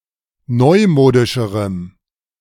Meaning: strong dative masculine/neuter singular comparative degree of neumodisch
- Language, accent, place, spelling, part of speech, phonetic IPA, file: German, Germany, Berlin, neumodischerem, adjective, [ˈnɔɪ̯ˌmoːdɪʃəʁəm], De-neumodischerem.ogg